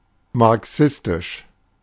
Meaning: Marxist
- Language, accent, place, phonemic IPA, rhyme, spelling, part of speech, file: German, Germany, Berlin, /maʁˈksɪstɪʃ/, -ɪstɪʃ, marxistisch, adjective, De-marxistisch.ogg